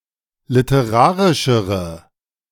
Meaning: inflection of literarisch: 1. strong/mixed nominative/accusative feminine singular comparative degree 2. strong nominative/accusative plural comparative degree
- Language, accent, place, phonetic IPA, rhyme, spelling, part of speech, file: German, Germany, Berlin, [lɪtəˈʁaːʁɪʃəʁə], -aːʁɪʃəʁə, literarischere, adjective, De-literarischere.ogg